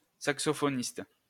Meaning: saxophonist (person who plays the saxophone)
- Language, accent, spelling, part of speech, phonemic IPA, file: French, France, saxophoniste, noun, /sak.sɔ.fɔ.nist/, LL-Q150 (fra)-saxophoniste.wav